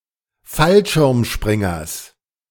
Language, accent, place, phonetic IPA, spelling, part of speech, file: German, Germany, Berlin, [ˈfalʃɪʁmˌʃpʁɪŋɐs], Fallschirmspringers, noun, De-Fallschirmspringers.ogg
- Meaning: genitive singular of Fallschirmspringer